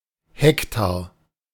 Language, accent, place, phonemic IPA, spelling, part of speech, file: German, Germany, Berlin, /ˈhɛktaːɐ̯/, Hektar, noun, De-Hektar.ogg
- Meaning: hectare